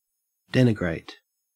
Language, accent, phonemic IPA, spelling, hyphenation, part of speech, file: English, Australia, /ˈden.ɪ.ɡɹæɪ̯t/, denigrate, den‧i‧grate, verb / adjective, En-au-denigrate.ogg
- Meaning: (verb) 1. To criticize so as to besmirch; traduce, disparage or defame 2. To treat as worthless; belittle, degrade or disparage 3. To blacken; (adjective) Blackened